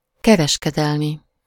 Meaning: commercial
- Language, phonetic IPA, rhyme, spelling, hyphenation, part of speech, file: Hungarian, [ˈkɛrɛʃkɛdɛlmi], -mi, kereskedelmi, ke‧res‧ke‧del‧mi, adjective, Hu-kereskedelmi.ogg